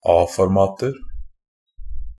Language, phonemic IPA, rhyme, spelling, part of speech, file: Norwegian Bokmål, /ˈɑːfɔrmɑːtər/, -ər, A-formater, noun, NB - Pronunciation of Norwegian Bokmål «a-formater».ogg
- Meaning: indefinite plural of A-format